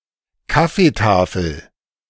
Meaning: coffee table (table laid out with various accoutrements for afternoon coffee)
- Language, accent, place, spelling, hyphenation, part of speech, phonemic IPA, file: German, Germany, Berlin, Kaffeetafel, Kaf‧fee‧ta‧fel, noun, /ˈkafeˌtaːfl̩/, De-Kaffeetafel.ogg